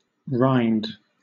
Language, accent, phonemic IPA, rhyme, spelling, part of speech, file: English, Southern England, /ɹaɪnd/, -aɪnd, rind, noun / verb, LL-Q1860 (eng)-rind.wav
- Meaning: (noun) 1. Tree bark 2. A hard, tough outer layer, particularly on food such as fruit, cheese, etc 3. The gall, the crust, the insolence; often as "the immortal rind"; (verb) To remove the rind from